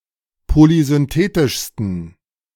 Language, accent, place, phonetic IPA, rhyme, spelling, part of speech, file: German, Germany, Berlin, [polizʏnˈteːtɪʃstn̩], -eːtɪʃstn̩, polysynthetischsten, adjective, De-polysynthetischsten.ogg
- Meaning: 1. superlative degree of polysynthetisch 2. inflection of polysynthetisch: strong genitive masculine/neuter singular superlative degree